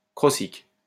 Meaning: alternative form of croconique
- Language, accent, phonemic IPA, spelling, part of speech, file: French, France, /kʁɔ.sik/, crocique, adjective, LL-Q150 (fra)-crocique.wav